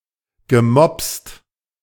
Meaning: past participle of mopsen
- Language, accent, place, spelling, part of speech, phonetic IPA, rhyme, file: German, Germany, Berlin, gemopst, verb, [ɡəˈmɔpst], -ɔpst, De-gemopst.ogg